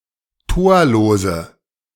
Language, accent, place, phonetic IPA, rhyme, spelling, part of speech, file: German, Germany, Berlin, [ˈtoːɐ̯loːzə], -oːɐ̯loːzə, torlose, adjective, De-torlose.ogg
- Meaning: inflection of torlos: 1. strong/mixed nominative/accusative feminine singular 2. strong nominative/accusative plural 3. weak nominative all-gender singular 4. weak accusative feminine/neuter singular